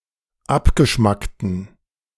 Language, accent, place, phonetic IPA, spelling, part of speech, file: German, Germany, Berlin, [ˈapɡəˌʃmaktn̩], abgeschmackten, adjective, De-abgeschmackten.ogg
- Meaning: inflection of abgeschmackt: 1. strong genitive masculine/neuter singular 2. weak/mixed genitive/dative all-gender singular 3. strong/weak/mixed accusative masculine singular 4. strong dative plural